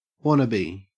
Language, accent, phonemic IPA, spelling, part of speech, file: English, Australia, /ˈwɒnəbi/, wannabe, noun, En-au-wannabe.ogg
- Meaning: Someone who wishes to be someone or do something, but lacks the qualifications or talent; an overeager amateur; an aspirant